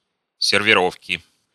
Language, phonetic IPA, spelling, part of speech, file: Russian, [sʲɪrvʲɪˈrofkʲɪ], сервировки, noun, Ru-сервировки.ogg
- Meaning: inflection of сервиро́вка (serviróvka): 1. genitive singular 2. nominative/accusative plural